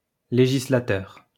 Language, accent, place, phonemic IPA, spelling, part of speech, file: French, France, Lyon, /le.ʒi.sla.tœʁ/, législateur, noun, LL-Q150 (fra)-législateur.wav
- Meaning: legislator